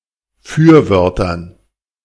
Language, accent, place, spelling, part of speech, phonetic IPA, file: German, Germany, Berlin, Fürwörtern, noun, [ˈfyːɐ̯ˌvœʁtɐn], De-Fürwörtern.ogg
- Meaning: dative plural of Fürwort